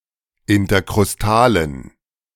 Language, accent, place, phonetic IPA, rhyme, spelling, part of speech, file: German, Germany, Berlin, [ɪntɐkʁʊsˈtaːlən], -aːlən, interkrustalen, adjective, De-interkrustalen.ogg
- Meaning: inflection of interkrustal: 1. strong genitive masculine/neuter singular 2. weak/mixed genitive/dative all-gender singular 3. strong/weak/mixed accusative masculine singular 4. strong dative plural